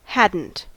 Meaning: Contraction of had + not (negative auxiliary)
- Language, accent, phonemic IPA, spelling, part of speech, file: English, US, /ˈhæd.n̩t/, hadn't, verb, En-us-hadn't.ogg